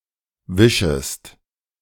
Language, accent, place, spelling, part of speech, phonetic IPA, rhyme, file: German, Germany, Berlin, wischest, verb, [ˈvɪʃəst], -ɪʃəst, De-wischest.ogg
- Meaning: second-person singular subjunctive I of wischen